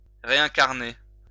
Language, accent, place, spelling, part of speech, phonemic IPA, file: French, France, Lyon, réincarner, verb, /ʁe.ɛ̃.kaʁ.ne/, LL-Q150 (fra)-réincarner.wav
- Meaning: to reincarnate (to be reincarnated)